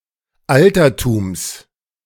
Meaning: genitive singular of Altertum
- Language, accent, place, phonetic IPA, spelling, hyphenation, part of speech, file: German, Germany, Berlin, [ˈʔaltɐtuːms], Altertums, Al‧ter‧tums, noun, De-Altertums.ogg